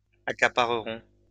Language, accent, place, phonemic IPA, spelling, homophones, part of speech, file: French, France, Lyon, /a.ka.pa.ʁə.ʁɔ̃/, accaparerons, accapareront, verb, LL-Q150 (fra)-accaparerons.wav
- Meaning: first-person plural simple future of accaparer